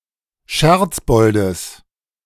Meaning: genitive of Scherzbold
- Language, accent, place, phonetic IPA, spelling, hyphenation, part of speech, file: German, Germany, Berlin, [ˈʃɛʁt͡sˌbɔldəs], Scherzboldes, Scherz‧bol‧des, noun, De-Scherzboldes.ogg